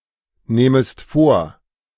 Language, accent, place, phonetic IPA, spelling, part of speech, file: German, Germany, Berlin, [ˌneːməst ˈfoːɐ̯], nehmest vor, verb, De-nehmest vor.ogg
- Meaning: second-person singular subjunctive I of vornehmen